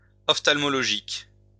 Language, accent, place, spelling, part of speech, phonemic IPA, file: French, France, Lyon, ophtalmologique, adjective, /ɔf.tal.mɔ.lɔ.ʒik/, LL-Q150 (fra)-ophtalmologique.wav
- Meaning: ophthalmological